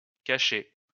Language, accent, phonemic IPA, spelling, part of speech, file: French, France, /ka.ʃe/, cachée, verb, LL-Q150 (fra)-cachée.wav
- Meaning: feminine singular of caché